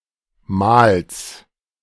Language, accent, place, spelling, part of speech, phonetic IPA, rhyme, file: German, Germany, Berlin, Mals, proper noun / noun, [maːls], -aːls, De-Mals.ogg
- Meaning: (proper noun) a municipality of South Tyrol, Italy; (noun) genitive singular of Mal